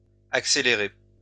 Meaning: inflection of accélérer: 1. second-person plural indicative present 2. second-person plural imperative
- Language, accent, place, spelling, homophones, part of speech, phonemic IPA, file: French, France, Lyon, accélérez, accélérai / accéléré / accélérée / accélérées / accélérer / accélérés, verb, /ak.se.le.ʁe/, LL-Q150 (fra)-accélérez.wav